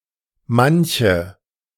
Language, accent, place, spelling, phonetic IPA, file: German, Germany, Berlin, manche, [ˈmançə], De-manche.ogg
- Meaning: inflection of manch: 1. nominative/accusative feminine singular 2. nominative/accusative plural